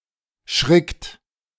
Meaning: third-person singular present of schrecken
- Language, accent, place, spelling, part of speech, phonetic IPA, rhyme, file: German, Germany, Berlin, schrickt, verb, [ʃʁɪkt], -ɪkt, De-schrickt.ogg